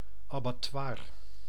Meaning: abattoir, slaughterhouse
- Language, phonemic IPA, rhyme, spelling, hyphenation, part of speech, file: Dutch, /ˌaː.baːˈtʋaːr/, -aːr, abattoir, abat‧toir, noun, Nl-abattoir.ogg